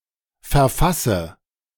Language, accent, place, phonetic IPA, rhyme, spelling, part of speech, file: German, Germany, Berlin, [fɛɐ̯ˈfasə], -asə, verfasse, verb, De-verfasse.ogg
- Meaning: inflection of verfassen: 1. first-person singular present 2. first/third-person singular subjunctive I 3. singular imperative